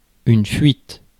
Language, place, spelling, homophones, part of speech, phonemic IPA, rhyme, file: French, Paris, fuite, fuites / fuîtes, noun / verb, /fɥit/, -it, Fr-fuite.ogg
- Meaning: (noun) 1. escape; getaway; flight (e.g. from prison) 2. leak; the act of leaking; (verb) feminine singular of fuit